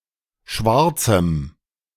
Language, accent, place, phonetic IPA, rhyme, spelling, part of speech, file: German, Germany, Berlin, [ˈʃvaʁt͡sm̩], -aʁt͡sm̩, Schwarzem, noun, De-Schwarzem.ogg
- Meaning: strong dative singular of Schwarzer